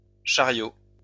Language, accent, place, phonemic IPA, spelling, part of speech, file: French, France, Lyon, /ʃa.ʁjo/, chariots, noun, LL-Q150 (fra)-chariots.wav
- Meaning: plural of chariot